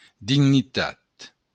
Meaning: dignity
- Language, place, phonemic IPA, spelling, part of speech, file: Occitan, Béarn, /dinniˈtat/, dignitat, noun, LL-Q14185 (oci)-dignitat.wav